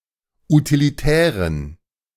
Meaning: inflection of utilitär: 1. strong genitive masculine/neuter singular 2. weak/mixed genitive/dative all-gender singular 3. strong/weak/mixed accusative masculine singular 4. strong dative plural
- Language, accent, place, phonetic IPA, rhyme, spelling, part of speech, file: German, Germany, Berlin, [utiliˈtɛːʁən], -ɛːʁən, utilitären, adjective, De-utilitären.ogg